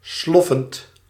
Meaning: present participle of sloffen
- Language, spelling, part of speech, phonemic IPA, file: Dutch, sloffend, verb / adjective, /ˈslɔfənt/, Nl-sloffend.ogg